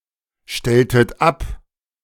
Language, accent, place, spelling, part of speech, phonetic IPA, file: German, Germany, Berlin, stelltet ab, verb, [ˌʃtɛltət ˈap], De-stelltet ab.ogg
- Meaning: inflection of abstellen: 1. second-person plural preterite 2. second-person plural subjunctive II